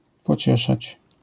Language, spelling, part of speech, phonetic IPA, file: Polish, pocieszać, verb, [pɔˈt͡ɕɛʃat͡ɕ], LL-Q809 (pol)-pocieszać.wav